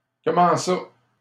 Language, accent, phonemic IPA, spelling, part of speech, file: French, Canada, /kɔ.mɑ̃ sa/, comment ça, phrase, LL-Q150 (fra)-comment ça.wav
- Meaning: what do you mean? how do you mean? say what? how so?